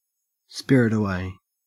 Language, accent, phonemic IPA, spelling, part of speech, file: English, Australia, /ˈspɪɹ.ɪt əˌweɪ/, spirit away, verb, En-au-spirit away.ogg
- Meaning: 1. To remove without anyone's noticing 2. To carry off through the agency of a spirit or through some magical means